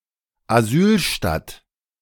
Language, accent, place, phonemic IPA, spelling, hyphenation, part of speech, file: German, Germany, Berlin, /aˈzyːlˌʃtat/, Asylstadt, Asyl‧stadt, noun, De-Asylstadt.ogg
- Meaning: city of refuge